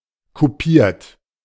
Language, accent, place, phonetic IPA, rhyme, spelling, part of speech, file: German, Germany, Berlin, [kuˈpiːɐ̯t], -iːɐ̯t, kupiert, adjective / verb, De-kupiert.ogg
- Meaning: 1. past participle of kupieren 2. inflection of kupieren: third-person singular present 3. inflection of kupieren: second-person plural present 4. inflection of kupieren: plural imperative